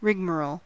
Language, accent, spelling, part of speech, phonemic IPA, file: English, US, rigmarole, noun / adjective, /ˈɹɪɡməɹoʊl/, En-us-rigmarole.ogg
- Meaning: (noun) 1. A long and complicated formal procedure 2. Confused and incoherent talk; nonsense; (adjective) Characterized by rigmarole; prolix; tedious